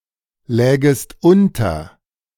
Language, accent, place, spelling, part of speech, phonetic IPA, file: German, Germany, Berlin, lägest unter, verb, [ˌlɛːɡəst ˈʔʊntɐ], De-lägest unter.ogg
- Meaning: second-person singular subjunctive II of unterliegen